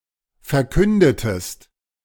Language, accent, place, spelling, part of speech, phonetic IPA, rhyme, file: German, Germany, Berlin, verkündetest, verb, [fɛɐ̯ˈkʏndətəst], -ʏndətəst, De-verkündetest.ogg
- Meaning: inflection of verkünden: 1. second-person singular preterite 2. second-person singular subjunctive II